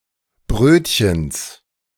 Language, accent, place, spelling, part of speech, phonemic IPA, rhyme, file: German, Germany, Berlin, Brötchens, noun, /ˈbʁøːtçəns/, -øːtçəns, De-Brötchens.ogg
- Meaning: genitive singular of Brötchen